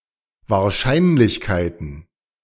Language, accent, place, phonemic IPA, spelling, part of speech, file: German, Germany, Berlin, /vaːɐ̯ˈʃaɪ̯nlɪçˌkaɪ̯tən/, Wahrscheinlichkeiten, noun, De-Wahrscheinlichkeiten.ogg
- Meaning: plural of Wahrscheinlichkeit